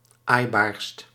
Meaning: superlative degree of aaibaar
- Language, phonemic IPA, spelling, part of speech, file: Dutch, /ˈajbarst/, aaibaarst, adjective, Nl-aaibaarst.ogg